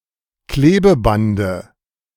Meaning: dative singular of Klebeband
- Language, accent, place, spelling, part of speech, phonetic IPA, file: German, Germany, Berlin, Klebebande, noun, [ˈkleːbəˌbandə], De-Klebebande.ogg